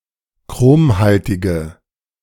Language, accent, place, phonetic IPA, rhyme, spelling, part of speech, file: German, Germany, Berlin, [ˈkʁoːmˌhaltɪɡə], -oːmhaltɪɡə, chromhaltige, adjective, De-chromhaltige.ogg
- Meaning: inflection of chromhaltig: 1. strong/mixed nominative/accusative feminine singular 2. strong nominative/accusative plural 3. weak nominative all-gender singular